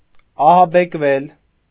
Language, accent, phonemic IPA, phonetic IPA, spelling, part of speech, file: Armenian, Eastern Armenian, /ɑhɑbekˈvel/, [ɑhɑbekvél], ահաբեկվել, verb, Hy-ահաբեկվել.ogg
- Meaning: mediopassive of ահաբեկել (ahabekel): to be terrified, petrified, scared